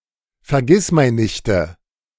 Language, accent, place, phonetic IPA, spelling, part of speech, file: German, Germany, Berlin, [fɛɐ̯ˈɡɪsmaɪ̯nnɪçtə], Vergissmeinnichte, noun, De-Vergissmeinnichte.ogg
- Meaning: nominative/accusative/genitive plural of Vergissmeinnicht